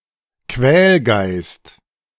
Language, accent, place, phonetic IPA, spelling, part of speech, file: German, Germany, Berlin, [ˈkvɛːlˌɡaɪ̯st], Quälgeist, noun, De-Quälgeist.ogg
- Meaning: gadfly, pest